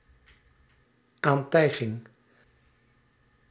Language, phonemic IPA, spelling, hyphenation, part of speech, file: Dutch, /ˈaːnˌtɛi̯.ɣɪŋ/, aantijging, aan‧tij‧ging, noun, Nl-aantijging.ogg
- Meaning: allegation, accusation, imputation